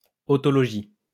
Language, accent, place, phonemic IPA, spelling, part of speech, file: French, France, Lyon, /ɔ.tɔ.lɔ.ʒi/, otologie, noun, LL-Q150 (fra)-otologie.wav
- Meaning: otology (the branch of medicine that deals with the ear)